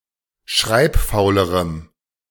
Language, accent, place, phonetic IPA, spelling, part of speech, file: German, Germany, Berlin, [ˈʃʁaɪ̯pˌfaʊ̯ləʁəm], schreibfaulerem, adjective, De-schreibfaulerem.ogg
- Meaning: strong dative masculine/neuter singular comparative degree of schreibfaul